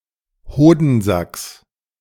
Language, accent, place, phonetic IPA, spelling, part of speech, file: German, Germany, Berlin, [ˈhoːdn̩ˌzaks], Hodensacks, noun, De-Hodensacks.ogg
- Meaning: genitive singular of Hodensack